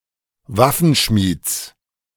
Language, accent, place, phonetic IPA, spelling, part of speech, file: German, Germany, Berlin, [ˈvafənˌʃmiːt͡s], Waffenschmieds, noun, De-Waffenschmieds.ogg
- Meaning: genitive of Waffenschmied